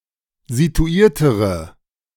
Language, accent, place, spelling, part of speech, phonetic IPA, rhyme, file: German, Germany, Berlin, situiertere, adjective, [zituˈiːɐ̯təʁə], -iːɐ̯təʁə, De-situiertere.ogg
- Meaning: inflection of situiert: 1. strong/mixed nominative/accusative feminine singular comparative degree 2. strong nominative/accusative plural comparative degree